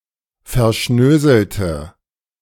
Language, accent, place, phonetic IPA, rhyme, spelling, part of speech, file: German, Germany, Berlin, [fɛɐ̯ˈʃnøːzl̩tə], -øːzl̩tə, verschnöselte, adjective, De-verschnöselte.ogg
- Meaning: inflection of verschnöselt: 1. strong/mixed nominative/accusative feminine singular 2. strong nominative/accusative plural 3. weak nominative all-gender singular